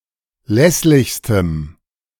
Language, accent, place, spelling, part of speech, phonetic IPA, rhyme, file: German, Germany, Berlin, lässlichstem, adjective, [ˈlɛslɪçstəm], -ɛslɪçstəm, De-lässlichstem.ogg
- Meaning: strong dative masculine/neuter singular superlative degree of lässlich